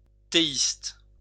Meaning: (noun) theist; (adjective) theistic
- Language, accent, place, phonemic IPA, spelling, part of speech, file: French, France, Lyon, /te.ist/, théiste, noun / adjective, LL-Q150 (fra)-théiste.wav